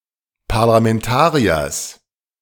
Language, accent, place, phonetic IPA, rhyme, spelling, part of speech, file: German, Germany, Berlin, [paʁlamɛnˈtaːʁiɐs], -aːʁiɐs, Parlamentariers, noun, De-Parlamentariers.ogg
- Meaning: genitive singular of Parlamentarier